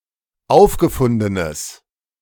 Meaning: strong/mixed nominative/accusative neuter singular of aufgefunden
- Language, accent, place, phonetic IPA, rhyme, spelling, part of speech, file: German, Germany, Berlin, [ˈaʊ̯fɡəˌfʊndənəs], -aʊ̯fɡəfʊndənəs, aufgefundenes, adjective, De-aufgefundenes.ogg